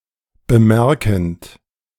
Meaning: present participle of bemerken
- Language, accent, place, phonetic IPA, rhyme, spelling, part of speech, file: German, Germany, Berlin, [bəˈmɛʁkn̩t], -ɛʁkn̩t, bemerkend, verb, De-bemerkend.ogg